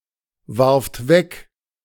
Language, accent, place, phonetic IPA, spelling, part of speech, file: German, Germany, Berlin, [vaʁft ˈvɛk], warft weg, verb, De-warft weg.ogg
- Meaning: second-person plural preterite of wegwerfen